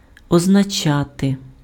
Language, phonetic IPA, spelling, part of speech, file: Ukrainian, [ɔznɐˈt͡ʃate], означати, verb, Uk-означати.ogg
- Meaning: to mean, to signify, to denote